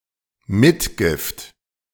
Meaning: 1. dowry 2. add-on, bonus 3. talent, innate quality
- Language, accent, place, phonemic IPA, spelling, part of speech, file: German, Germany, Berlin, /ˈmɪtˌɡɪft/, Mitgift, noun, De-Mitgift.ogg